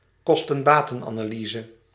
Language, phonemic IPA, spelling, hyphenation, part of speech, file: Dutch, /kɔs.tə(n)ˈbaː.tə(n).aː.naːˌliː.zə/, kosten-batenanalyse, kos‧ten-ba‧ten‧ana‧ly‧se, noun, Nl-kosten-batenanalyse.ogg
- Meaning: cost-benefit analysis